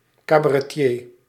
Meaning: cabaret performer
- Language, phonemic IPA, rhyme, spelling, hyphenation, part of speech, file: Dutch, /ˌkaː.baː.rɛˈtjeː/, -eː, cabaretier, ca‧ba‧re‧tier, noun, Nl-cabaretier.ogg